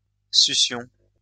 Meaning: sucking, suction
- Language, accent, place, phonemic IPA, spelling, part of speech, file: French, France, Lyon, /sy.sjɔ̃/, succion, noun, LL-Q150 (fra)-succion.wav